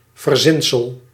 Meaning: something that is made up
- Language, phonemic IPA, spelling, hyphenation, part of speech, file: Dutch, /vərˈzɪnsəl/, verzinsel, ver‧zin‧sel, noun, Nl-verzinsel.ogg